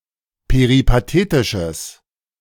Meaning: strong/mixed nominative/accusative neuter singular of peripatetisch
- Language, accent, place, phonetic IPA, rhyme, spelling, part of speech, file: German, Germany, Berlin, [peʁipaˈteːtɪʃəs], -eːtɪʃəs, peripatetisches, adjective, De-peripatetisches.ogg